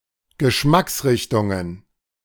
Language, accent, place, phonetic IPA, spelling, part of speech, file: German, Germany, Berlin, [ɡəˈʃmaksˌʁɪçtʊŋən], Geschmacksrichtungen, noun, De-Geschmacksrichtungen.ogg
- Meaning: plural of Geschmacksrichtung